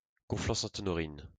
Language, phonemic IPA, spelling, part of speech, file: French, /ɔ.nɔ.ʁin/, Honorine, proper noun, LL-Q150 (fra)-Honorine.wav
- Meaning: a female given name